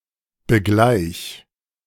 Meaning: singular imperative of begleichen
- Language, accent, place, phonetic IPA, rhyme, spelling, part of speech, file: German, Germany, Berlin, [bəˈɡlaɪ̯ç], -aɪ̯ç, begleich, verb, De-begleich.ogg